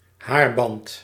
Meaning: a hair tie, a hairband, a headband (elastic band wrapped around the head to keep hair in place)
- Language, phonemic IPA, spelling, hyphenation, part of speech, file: Dutch, /ˈɦaːr.bɑnt/, haarband, haar‧band, noun, Nl-haarband.ogg